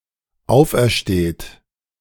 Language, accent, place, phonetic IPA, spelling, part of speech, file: German, Germany, Berlin, [ˈaʊ̯fʔɛɐ̯ˌʃteːt], aufersteht, verb, De-aufersteht.ogg
- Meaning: inflection of auferstehen: 1. third-person singular dependent present 2. second-person plural dependent present